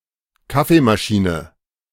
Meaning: coffeemaker
- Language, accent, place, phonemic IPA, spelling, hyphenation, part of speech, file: German, Germany, Berlin, /ˈkafemaˌʃiːnə/, Kaffeemaschine, Kaf‧fee‧ma‧schi‧ne, noun, De-Kaffeemaschine.ogg